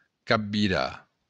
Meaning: to capsize
- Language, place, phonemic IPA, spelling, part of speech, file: Occitan, Béarn, /ˌkav.viˈra/, capvirar, verb, LL-Q14185 (oci)-capvirar.wav